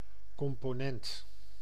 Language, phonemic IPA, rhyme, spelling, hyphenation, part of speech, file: Dutch, /ˌkɔm.poːˈnɛnt/, -ɛnt, component, com‧po‧nent, noun, Nl-component.ogg
- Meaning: component